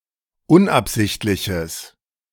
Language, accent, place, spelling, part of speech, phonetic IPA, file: German, Germany, Berlin, unabsichtliches, adjective, [ˈʊnʔapˌzɪçtlɪçəs], De-unabsichtliches.ogg
- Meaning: strong/mixed nominative/accusative neuter singular of unabsichtlich